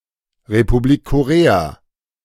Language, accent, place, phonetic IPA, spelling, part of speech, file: German, Germany, Berlin, [ʁepuˈbliːk koˈʁeːa], Republik Korea, phrase, De-Republik Korea.ogg
- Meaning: Republic of Korea (official name of South Korea: a country in East Asia)